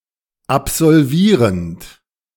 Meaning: present participle of absolvieren
- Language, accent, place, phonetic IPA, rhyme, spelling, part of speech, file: German, Germany, Berlin, [apzɔlˈviːʁənt], -iːʁənt, absolvierend, verb, De-absolvierend.ogg